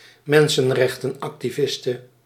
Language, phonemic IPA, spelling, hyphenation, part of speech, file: Dutch, /ˈmɛn.sə(n).rɛx.tə(n).ɑk.tiˌvɪs.tə/, mensenrechtenactiviste, men‧sen‧rech‧ten‧ac‧ti‧vis‧te, noun, Nl-mensenrechtenactiviste.ogg
- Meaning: female human rights activist